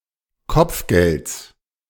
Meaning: genitive singular of Kopfgeld
- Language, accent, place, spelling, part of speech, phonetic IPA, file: German, Germany, Berlin, Kopfgelds, noun, [ˈkɔp͡fˌɡɛlt͡s], De-Kopfgelds.ogg